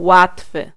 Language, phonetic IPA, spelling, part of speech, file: Polish, [ˈwatfɨ], łatwy, adjective, Pl-łatwy.ogg